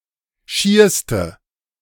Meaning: inflection of schier: 1. strong/mixed nominative/accusative feminine singular superlative degree 2. strong nominative/accusative plural superlative degree
- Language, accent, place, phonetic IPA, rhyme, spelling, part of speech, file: German, Germany, Berlin, [ˈʃiːɐ̯stə], -iːɐ̯stə, schierste, adjective, De-schierste.ogg